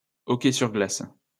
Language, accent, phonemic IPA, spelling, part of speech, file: French, France, /ɔ.kɛ syʁ ɡlas/, hockey sur glace, noun, LL-Q150 (fra)-hockey sur glace.wav
- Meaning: ice hockey